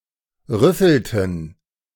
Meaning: inflection of rüffeln: 1. first/third-person plural preterite 2. first/third-person plural subjunctive II
- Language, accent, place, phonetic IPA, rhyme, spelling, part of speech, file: German, Germany, Berlin, [ˈʁʏfl̩tn̩], -ʏfl̩tn̩, rüffelten, verb, De-rüffelten.ogg